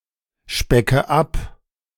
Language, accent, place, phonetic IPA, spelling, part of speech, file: German, Germany, Berlin, [ˌʃpɛkə ˈap], specke ab, verb, De-specke ab.ogg
- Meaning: inflection of abspecken: 1. first-person singular present 2. first/third-person singular subjunctive I 3. singular imperative